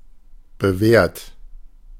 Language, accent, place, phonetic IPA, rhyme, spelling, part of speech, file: German, Germany, Berlin, [bəˈvɛːɐ̯t], -ɛːɐ̯t, bewährt, adjective / verb, De-bewährt.ogg
- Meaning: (verb) past participle of bewähren; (adjective) 1. established, reliable 2. proven, tried and tested